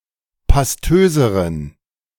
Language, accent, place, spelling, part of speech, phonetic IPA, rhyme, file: German, Germany, Berlin, pastöseren, adjective, [pasˈtøːzəʁən], -øːzəʁən, De-pastöseren.ogg
- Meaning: inflection of pastös: 1. strong genitive masculine/neuter singular comparative degree 2. weak/mixed genitive/dative all-gender singular comparative degree